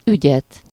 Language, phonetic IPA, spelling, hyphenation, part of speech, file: Hungarian, [ˈyɟɛt], ügyet, ügyet, noun, Hu-ügyet.ogg
- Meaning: accusative singular of ügy